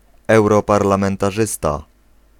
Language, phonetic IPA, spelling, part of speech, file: Polish, [ˌɛwrɔparlãmɛ̃ntaˈʒɨsta], europarlamentarzysta, noun, Pl-europarlamentarzysta.ogg